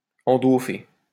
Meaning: to bugger, to fuck up the ass
- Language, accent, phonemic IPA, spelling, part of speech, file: French, France, /ɑ̃.do.fe/, endauffer, verb, LL-Q150 (fra)-endauffer.wav